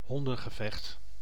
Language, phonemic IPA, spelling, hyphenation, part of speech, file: Dutch, /ˈɦɔn.də(n).ɣəˌvɛxt/, hondengevecht, hon‧den‧ge‧vecht, noun, Nl-hondengevecht.ogg
- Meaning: a dogfight (fight between dogs, particularly as a blood sport)